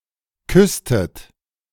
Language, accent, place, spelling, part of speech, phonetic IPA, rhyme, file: German, Germany, Berlin, küsstet, verb, [ˈkʏstət], -ʏstət, De-küsstet.ogg
- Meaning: inflection of küssen: 1. second-person plural preterite 2. second-person plural subjunctive II